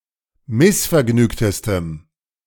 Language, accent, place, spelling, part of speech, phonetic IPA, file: German, Germany, Berlin, missvergnügtestem, adjective, [ˈmɪsfɛɐ̯ˌɡnyːktəstəm], De-missvergnügtestem.ogg
- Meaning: strong dative masculine/neuter singular superlative degree of missvergnügt